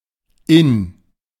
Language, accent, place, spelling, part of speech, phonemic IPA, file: German, Germany, Berlin, Inn, proper noun, /ɪn/, De-Inn.ogg
- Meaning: Inn (a right tributary of the Danube in Switzerland, Austria and Germany)